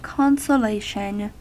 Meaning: 1. The act or example of consoling; the condition of being consoled 2. The prize or benefit for the loser 3. A consolation goal
- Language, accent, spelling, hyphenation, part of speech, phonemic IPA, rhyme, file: English, US, consolation, con‧so‧la‧tion, noun, /ˌkɑn.səˈleɪ.ʃən/, -eɪʃən, En-us-consolation.ogg